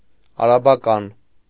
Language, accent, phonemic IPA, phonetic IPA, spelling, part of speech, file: Armenian, Eastern Armenian, /ɑɾɑbɑˈkɑn/, [ɑɾɑbɑkɑ́n], արաբական, adjective, Hy-արաբական.ogg
- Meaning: Arabic (of, from, or pertaining to Arab countries or cultural behaviour)